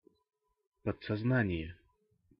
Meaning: inflection of подсозна́ние (podsoznánije): 1. genitive singular 2. nominative/accusative plural
- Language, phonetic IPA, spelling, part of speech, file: Russian, [pət͡ssɐzˈnanʲɪjə], подсознания, noun, Ru-подсознания.ogg